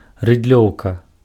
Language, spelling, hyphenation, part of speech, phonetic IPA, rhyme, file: Belarusian, рыдлёўка, рыд‧лёў‧ка, noun, [rɨdˈlʲou̯ka], -ou̯ka, Be-рыдлёўка.ogg
- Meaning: shovel (metal digging tool)